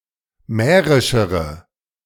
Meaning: inflection of mährisch: 1. strong/mixed nominative/accusative feminine singular comparative degree 2. strong nominative/accusative plural comparative degree
- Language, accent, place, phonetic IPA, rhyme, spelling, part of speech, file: German, Germany, Berlin, [ˈmɛːʁɪʃəʁə], -ɛːʁɪʃəʁə, mährischere, adjective, De-mährischere.ogg